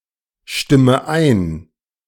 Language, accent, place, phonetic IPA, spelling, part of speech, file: German, Germany, Berlin, [ˌʃtɪmə ˈaɪ̯n], stimme ein, verb, De-stimme ein.ogg
- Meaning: inflection of einstimmen: 1. first-person singular present 2. first/third-person singular subjunctive I 3. singular imperative